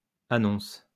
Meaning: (noun) plural of annonce; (verb) second-person singular present indicative/subjunctive of annoncer
- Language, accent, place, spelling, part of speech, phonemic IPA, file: French, France, Lyon, annonces, noun / verb, /a.nɔ̃s/, LL-Q150 (fra)-annonces.wav